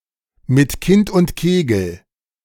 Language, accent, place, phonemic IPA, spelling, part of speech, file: German, Germany, Berlin, /mɪt ˌkɪnt ʊn(t)ˈkeːɡl̩/, mit Kind und Kegel, adverb, De-mit Kind und Kegel.ogg
- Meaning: as a large group; with all of one's family, contents, and/or livestock